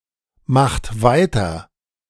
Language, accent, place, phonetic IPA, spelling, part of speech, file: German, Germany, Berlin, [ˌmaxt ˈvaɪ̯tɐ], macht weiter, verb, De-macht weiter.ogg
- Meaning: inflection of weitermachen: 1. second-person plural present 2. third-person singular present 3. plural imperative